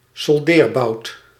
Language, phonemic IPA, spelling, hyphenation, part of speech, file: Dutch, /sɔlˈdeːrˌbɑu̯t/, soldeerbout, sol‧deer‧bout, noun, Nl-soldeerbout.ogg
- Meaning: a soldering iron